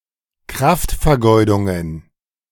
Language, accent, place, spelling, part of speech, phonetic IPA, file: German, Germany, Berlin, Kraftvergeudungen, noun, [ˈkʁaftfɛɐ̯ˌɡɔɪ̯dʊŋən], De-Kraftvergeudungen.ogg
- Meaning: plural of Kraftvergeudung